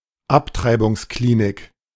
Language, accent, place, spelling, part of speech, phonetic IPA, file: German, Germany, Berlin, Abtreibungsklinik, noun, [ˈaptʁaɪ̯bʊŋsˌkliːnɪk], De-Abtreibungsklinik.ogg
- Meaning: abortion clinic